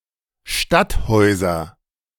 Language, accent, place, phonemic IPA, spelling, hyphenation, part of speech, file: German, Germany, Berlin, /ˈʃtatˌhɔɪ̯zɐ/, Stadthäuser, Stadt‧häu‧ser, noun, De-Stadthäuser.ogg
- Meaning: nominative/accusative/genitive plural of Stadthaus